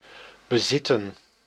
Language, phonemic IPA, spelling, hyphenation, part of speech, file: Dutch, /bəˈzɪtə(n)/, bezitten, be‧zit‧ten, verb, Nl-bezitten.ogg
- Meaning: to own, to possess